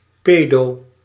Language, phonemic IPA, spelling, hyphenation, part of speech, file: Dutch, /ˈpeː.doː/, pedo, pe‧do, noun, Nl-pedo.ogg
- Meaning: clipping of pedofiel (“pedophile”)